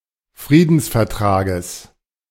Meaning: genitive of Friedensvertrag
- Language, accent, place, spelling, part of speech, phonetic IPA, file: German, Germany, Berlin, Friedensvertrages, noun, [ˈfʁiːdn̩sfɛɐ̯ˌtʁaːɡəs], De-Friedensvertrages.ogg